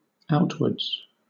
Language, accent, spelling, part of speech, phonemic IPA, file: English, Southern England, outwards, adverb, /ˈaʊtwədz/, LL-Q1860 (eng)-outwards.wav
- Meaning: 1. From the interior toward the exterior; in an outward direction 2. Outwardly; (merely) on the surface